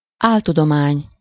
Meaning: pseudoscience
- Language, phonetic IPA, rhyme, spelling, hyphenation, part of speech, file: Hungarian, [ˈaːltudomaːɲ], -aːɲ, áltudomány, ál‧tu‧do‧mány, noun, Hu-áltudomány.ogg